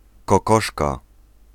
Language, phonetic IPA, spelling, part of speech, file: Polish, [kɔˈkɔʃka], kokoszka, noun, Pl-kokoszka.ogg